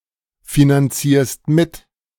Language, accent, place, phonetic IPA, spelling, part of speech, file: German, Germany, Berlin, [finanˌt͡siːɐ̯st ˈmɪt], finanzierst mit, verb, De-finanzierst mit.ogg
- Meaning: second-person singular present of mitfinanzieren